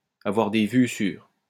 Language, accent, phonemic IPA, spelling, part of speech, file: French, France, /a.vwaʁ de vy syʁ/, avoir des vues sur, verb, LL-Q150 (fra)-avoir des vues sur.wav
- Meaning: to have designs on, to have one's eye on, to set one's sights on